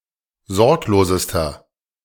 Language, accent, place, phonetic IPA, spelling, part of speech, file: German, Germany, Berlin, [ˈzɔʁkloːzəstɐ], sorglosester, adjective, De-sorglosester.ogg
- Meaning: inflection of sorglos: 1. strong/mixed nominative masculine singular superlative degree 2. strong genitive/dative feminine singular superlative degree 3. strong genitive plural superlative degree